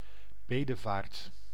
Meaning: pilgrimage
- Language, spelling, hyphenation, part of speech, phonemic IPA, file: Dutch, bedevaart, be‧de‧vaart, noun, /ˈbeː.dəˌvaːrt/, Nl-bedevaart.ogg